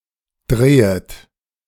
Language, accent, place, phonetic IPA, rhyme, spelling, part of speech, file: German, Germany, Berlin, [ˈdʁeːət], -eːət, drehet, verb, De-drehet.ogg
- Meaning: second-person plural subjunctive I of drehen